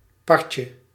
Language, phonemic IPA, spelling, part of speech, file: Dutch, /ˈpɑrcə/, partje, noun, Nl-partje.ogg
- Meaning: diminutive of part